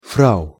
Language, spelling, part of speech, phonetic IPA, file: Russian, фрау, noun, [ˈfraʊ], Ru-фрау.ogg
- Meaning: madam; Mrs.; frau